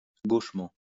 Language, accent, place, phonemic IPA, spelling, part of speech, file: French, France, Lyon, /ɡoʃ.mɑ̃/, gauchement, adverb, LL-Q150 (fra)-gauchement.wav
- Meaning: gauchely; maladroitly; awkwardly